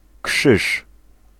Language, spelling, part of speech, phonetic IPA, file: Polish, krzyż, noun, [kʃɨʃ], Pl-krzyż.ogg